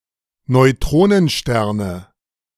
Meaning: nominative/accusative/genitive plural of Neutronenstern
- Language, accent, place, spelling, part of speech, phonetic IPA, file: German, Germany, Berlin, Neutronensterne, noun, [nɔɪ̯ˈtʁoːnənˌʃtɛʁnə], De-Neutronensterne.ogg